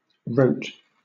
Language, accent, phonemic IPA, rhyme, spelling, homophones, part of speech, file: English, Southern England, /ɹəʊt/, -əʊt, rote, wrote, noun / adjective / verb, LL-Q1860 (eng)-rote.wav
- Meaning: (noun) Mechanical routine; a fixed, habitual, repetitive, or mechanical course of procedure; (adjective) By repetition or practice and without much thought